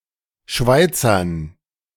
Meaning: dative plural of Schweizer
- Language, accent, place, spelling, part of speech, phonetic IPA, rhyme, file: German, Germany, Berlin, Schweizern, noun, [ˈʃvaɪ̯t͡sɐn], -aɪ̯t͡sɐn, De-Schweizern.ogg